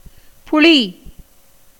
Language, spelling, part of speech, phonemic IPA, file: Tamil, புளி, noun / verb, /pʊɭiː/, Ta-புளி.ogg
- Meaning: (noun) 1. tamarind (fruit or tree) 2. acidity, tartness 3. sweetness; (verb) 1. to be or become sour 2. to ferment